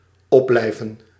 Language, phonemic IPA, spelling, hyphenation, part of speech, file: Dutch, /ˈɔp.blɛi̯və(n)/, opblijven, op‧blij‧ven, verb, Nl-opblijven.ogg
- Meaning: to stay up, to remain awake